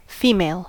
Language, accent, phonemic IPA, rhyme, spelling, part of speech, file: English, US, /ˈfiː.meɪl/, -iːmeɪl, female, adjective / noun, En-us-female.ogg
- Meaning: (adjective) 1. Belonging to the sex which typically produces eggs (ova), or to the gender which is typically associated with it 2. Characteristic of this sex/gender. (Compare feminine, womanly.)